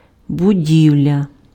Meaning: building, edifice, construction (anything that has been constructed)
- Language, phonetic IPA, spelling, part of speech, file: Ukrainian, [bʊˈdʲiu̯lʲɐ], будівля, noun, Uk-будівля.ogg